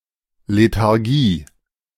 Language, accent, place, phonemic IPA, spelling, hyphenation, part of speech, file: German, Germany, Berlin, /ˌletaʁˈɡiː/, Lethargie, Le‧thar‧gie, noun, De-Lethargie.ogg
- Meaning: lethargy